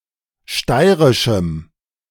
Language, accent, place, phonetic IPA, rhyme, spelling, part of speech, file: German, Germany, Berlin, [ˈʃtaɪ̯ʁɪʃm̩], -aɪ̯ʁɪʃm̩, steirischem, adjective, De-steirischem.ogg
- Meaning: strong dative masculine/neuter singular of steirisch